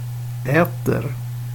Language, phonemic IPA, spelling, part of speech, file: Swedish, /ˈɛːtɛr/, äter, verb, Sv-äter.ogg
- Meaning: present indicative of äta